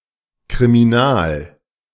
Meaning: criminal
- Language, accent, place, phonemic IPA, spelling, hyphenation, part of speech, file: German, Germany, Berlin, /kʁimiˈnaːl/, kriminal, kri‧mi‧nal, adjective, De-kriminal.ogg